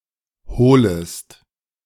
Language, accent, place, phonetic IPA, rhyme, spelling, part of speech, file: German, Germany, Berlin, [ˈhoːləst], -oːləst, holest, verb, De-holest.ogg
- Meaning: second-person singular subjunctive I of holen